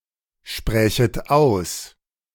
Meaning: second-person plural subjunctive II of aussprechen
- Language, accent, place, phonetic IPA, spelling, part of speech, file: German, Germany, Berlin, [ˌʃpʁɛːçət ˈaʊ̯s], sprächet aus, verb, De-sprächet aus.ogg